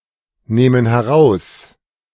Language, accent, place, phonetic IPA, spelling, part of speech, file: German, Germany, Berlin, [ˌnɛːmən hɛˈʁaʊ̯s], nähmen heraus, verb, De-nähmen heraus.ogg
- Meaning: first-person plural subjunctive II of herausnehmen